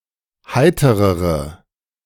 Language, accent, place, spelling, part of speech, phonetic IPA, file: German, Germany, Berlin, heiterere, adjective, [ˈhaɪ̯təʁəʁə], De-heiterere.ogg
- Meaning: inflection of heiter: 1. strong/mixed nominative/accusative feminine singular comparative degree 2. strong nominative/accusative plural comparative degree